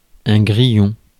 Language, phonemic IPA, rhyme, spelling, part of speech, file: French, /ɡʁi.jɔ̃/, -jɔ̃, grillon, noun, Fr-grillon.ogg
- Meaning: 1. cricket (insect) 2. culinary specialty of the West of France, made with pieces of pork fried in fat and served cold (also sometimes denotes rillettes with fatty pieces)